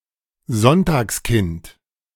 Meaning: 1. child born on a Sunday 2. lucky person
- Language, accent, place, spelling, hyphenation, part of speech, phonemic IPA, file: German, Germany, Berlin, Sonntagskind, Sonn‧tags‧kind, noun, /ˈzɔntaːksˌkɪnt/, De-Sonntagskind.ogg